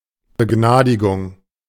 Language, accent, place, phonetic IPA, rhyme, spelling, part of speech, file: German, Germany, Berlin, [bəˈɡnaːdɪɡʊŋ], -aːdɪɡʊŋ, Begnadigung, noun, De-Begnadigung.ogg
- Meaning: pardon